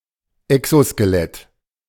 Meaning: exoskeleton (hard outer structure)
- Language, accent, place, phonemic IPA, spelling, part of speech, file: German, Germany, Berlin, /ˌɛksoskəˈlɛt/, Exoskelett, noun, De-Exoskelett.ogg